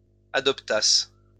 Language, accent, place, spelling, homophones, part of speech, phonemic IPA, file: French, France, Lyon, adoptasses, adoptasse / adoptassent, verb, /a.dɔp.tas/, LL-Q150 (fra)-adoptasses.wav
- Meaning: second-person singular imperfect subjunctive of adopter